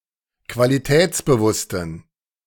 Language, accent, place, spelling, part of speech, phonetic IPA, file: German, Germany, Berlin, qualitätsbewussten, adjective, [kvaliˈtɛːt͡sbəˌvʊstn̩], De-qualitätsbewussten.ogg
- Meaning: inflection of qualitätsbewusst: 1. strong genitive masculine/neuter singular 2. weak/mixed genitive/dative all-gender singular 3. strong/weak/mixed accusative masculine singular